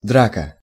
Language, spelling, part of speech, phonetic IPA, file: Russian, драка, noun, [ˈdrakə], Ru-драка.ogg
- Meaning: scuffle, fight, tussle